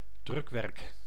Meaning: printed matter
- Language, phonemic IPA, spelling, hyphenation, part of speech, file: Dutch, /ˈdrʏk.ʋɛrk/, drukwerk, druk‧werk, noun, Nl-drukwerk.ogg